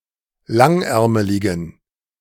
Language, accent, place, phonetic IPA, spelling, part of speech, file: German, Germany, Berlin, [ˈlaŋˌʔɛʁməlɪɡn̩], langärmeligen, adjective, De-langärmeligen.ogg
- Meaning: inflection of langärmelig: 1. strong genitive masculine/neuter singular 2. weak/mixed genitive/dative all-gender singular 3. strong/weak/mixed accusative masculine singular 4. strong dative plural